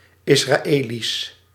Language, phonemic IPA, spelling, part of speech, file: Dutch, /ɪsraˈelis/, Israëli's, noun, Nl-Israëli's.ogg
- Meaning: plural of Israëli